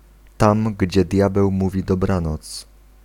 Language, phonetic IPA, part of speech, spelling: Polish, [ˈtãm ˈɟd͡ʑɛ ˈdʲjabɛw ˈmuvʲi dɔˈbrãnɔt͡s], phrase, tam, gdzie diabeł mówi dobranoc